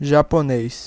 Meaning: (adjective) Japanese: 1. of, from or relating to Japan 2. of the Japanese people 3. of the Japanese language; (noun) Japanese person: native or inhabitant of Japan
- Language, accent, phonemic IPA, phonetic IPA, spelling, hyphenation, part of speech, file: Portuguese, Brazil, /ʒa.poˈne(j)s/, [ʒa.poˈne(ɪ̯)s], japonês, ja‧po‧nês, adjective / noun, Pt-br-japonês.ogg